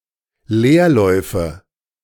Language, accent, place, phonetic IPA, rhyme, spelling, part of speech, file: German, Germany, Berlin, [ˈleːɐ̯ˌlɔɪ̯fə], -eːɐ̯lɔɪ̯fə, Leerläufe, noun, De-Leerläufe.ogg
- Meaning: nominative/accusative/genitive plural of Leerlauf